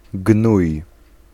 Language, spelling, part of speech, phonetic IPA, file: Polish, gnój, noun / verb, [ɡnuj], Pl-gnój.ogg